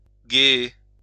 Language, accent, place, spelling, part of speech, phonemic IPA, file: French, France, Lyon, guéer, verb, /ɡe.e/, LL-Q150 (fra)-guéer.wav
- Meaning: 1. to ford (a river, etc.) 2. to bathe